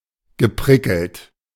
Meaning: past participle of prickeln
- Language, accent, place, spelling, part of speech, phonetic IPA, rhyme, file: German, Germany, Berlin, geprickelt, verb, [ɡəˈpʁɪkl̩t], -ɪkl̩t, De-geprickelt.ogg